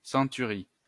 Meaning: 1. century (Roman army type unit) 2. century (period of 100 years)
- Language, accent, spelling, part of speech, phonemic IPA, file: French, France, centurie, noun, /sɑ̃.ty.ʁi/, LL-Q150 (fra)-centurie.wav